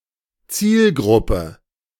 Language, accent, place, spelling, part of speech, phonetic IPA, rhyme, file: German, Germany, Berlin, Zielgruppe, noun, [ˈt͡siːlˌɡʁʊpə], -iːlɡʁʊpə, De-Zielgruppe.ogg
- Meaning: target group, target audience